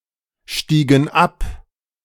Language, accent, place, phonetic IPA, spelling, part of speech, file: German, Germany, Berlin, [ˌʃtiːɡn̩ ˈap], stiegen ab, verb, De-stiegen ab.ogg
- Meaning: inflection of absteigen: 1. first/third-person plural preterite 2. first/third-person plural subjunctive II